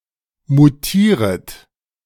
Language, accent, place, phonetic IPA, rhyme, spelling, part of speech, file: German, Germany, Berlin, [muˈtiːʁət], -iːʁət, mutieret, verb, De-mutieret.ogg
- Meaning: second-person plural subjunctive I of mutieren